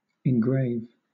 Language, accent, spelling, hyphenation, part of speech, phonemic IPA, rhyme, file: English, Southern England, engrave, en‧grave, verb, /ɪnˈɡɹeɪv/, -eɪv, LL-Q1860 (eng)-engrave.wav
- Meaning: 1. To carve text or symbols into (something), usually for the purposes of identification or art 2. To carve (something) into a material 3. To put in a grave, to bury